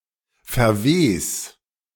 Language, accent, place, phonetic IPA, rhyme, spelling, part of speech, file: German, Germany, Berlin, [fɛɐ̯ˈveːs], -eːs, verwes, verb, De-verwes.ogg
- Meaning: 1. singular imperative of verwesen 2. first-person singular present of verwesen